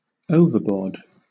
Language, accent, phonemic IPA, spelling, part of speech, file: English, Southern England, /ˈəʊvə(ɹ)ˌbɔː(ɹ)d/, overboard, adjective / adverb / verb, LL-Q1860 (eng)-overboard.wav
- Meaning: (adjective) Outside of a boat; in the water; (adverb) 1. Over the edge; especially, off or outside of a boat 2. Excessively; too much; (verb) To throw over the edge of a boat into the water